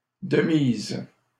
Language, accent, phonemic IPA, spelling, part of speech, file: French, Canada, /də miz/, de mise, adjective, LL-Q150 (fra)-de mise.wav
- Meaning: proper, appropriate, conventional; required, necessary